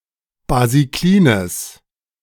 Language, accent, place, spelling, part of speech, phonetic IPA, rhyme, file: German, Germany, Berlin, basiklines, adjective, [baziˈkliːnəs], -iːnəs, De-basiklines.ogg
- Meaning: strong/mixed nominative/accusative neuter singular of basiklin